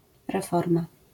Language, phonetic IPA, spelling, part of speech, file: Polish, [rɛˈfɔrma], reforma, noun, LL-Q809 (pol)-reforma.wav